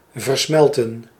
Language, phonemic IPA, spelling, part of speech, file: Dutch, /vər.ˈsmɛl.tə(n)/, versmelten, verb, Nl-versmelten.ogg
- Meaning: to coalesce (melt/blend together)